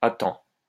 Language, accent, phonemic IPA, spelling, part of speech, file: French, France, /a tɑ̃/, à temps, adverb, LL-Q150 (fra)-à temps.wav
- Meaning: in time (sufficiently early for something)